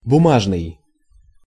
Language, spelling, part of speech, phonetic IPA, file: Russian, бумажный, adjective, [bʊˈmaʐnɨj], Ru-бумажный.ogg
- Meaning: 1. paper 2. paperwork 3. cotton, cotton wool (made of cotton fibers or cloth)